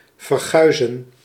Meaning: to speak about something or to someone with contempt; to revile
- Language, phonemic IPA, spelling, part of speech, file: Dutch, /vərˈxœy̯zə(n)/, verguizen, verb, Nl-verguizen.ogg